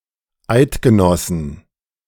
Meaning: plural of Eidgenosse
- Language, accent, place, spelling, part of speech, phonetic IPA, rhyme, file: German, Germany, Berlin, Eidgenossen, noun, [ˈaɪ̯tɡəˌnɔsn̩], -aɪ̯tɡənɔsn̩, De-Eidgenossen.ogg